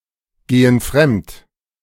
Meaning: inflection of fremdgehen: 1. first/third-person plural present 2. first/third-person plural subjunctive I
- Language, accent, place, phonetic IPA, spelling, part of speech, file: German, Germany, Berlin, [ˌɡeːən ˈfʁɛmt], gehen fremd, verb, De-gehen fremd.ogg